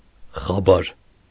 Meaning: news, information
- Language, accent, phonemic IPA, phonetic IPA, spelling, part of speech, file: Armenian, Eastern Armenian, /χɑˈbɑɾ/, [χɑbɑ́ɾ], խաբար, noun, Hy-խաբար.ogg